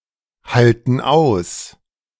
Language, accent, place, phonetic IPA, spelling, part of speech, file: German, Germany, Berlin, [ˌhaltn̩ ˈaʊ̯s], halten aus, verb, De-halten aus.ogg
- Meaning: inflection of aushalten: 1. first/third-person plural present 2. first/third-person plural subjunctive I